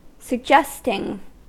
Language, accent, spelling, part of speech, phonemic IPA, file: English, US, suggesting, adjective / verb / noun, /sə(ɡ)ˈd͡ʒɛst.ɪŋ/, En-us-suggesting.ogg
- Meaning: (verb) present participle and gerund of suggest; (noun) suggestion